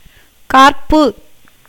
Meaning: 1. the taste of pungency (spicy hotness) 2. saltness
- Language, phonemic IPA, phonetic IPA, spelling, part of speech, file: Tamil, /kɑːɾpːɯ/, [käːɾpːɯ], கார்ப்பு, noun, Ta-கார்ப்பு.ogg